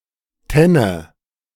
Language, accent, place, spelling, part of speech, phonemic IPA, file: German, Germany, Berlin, Tenne, noun, /ˈtɛnə/, De-Tenne.ogg
- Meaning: 1. threshing-floor 2. a barn attached to a farmhouse, which is used (or was originally used) for threshing and/or keeping fodder